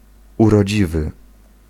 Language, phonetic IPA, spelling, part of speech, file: Polish, [ˌurɔˈd͡ʑivɨ], urodziwy, adjective, Pl-urodziwy.ogg